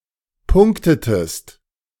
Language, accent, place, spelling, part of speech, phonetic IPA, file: German, Germany, Berlin, punktetest, verb, [ˈpʊŋktətəst], De-punktetest.ogg
- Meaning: inflection of punkten: 1. second-person singular preterite 2. second-person singular subjunctive II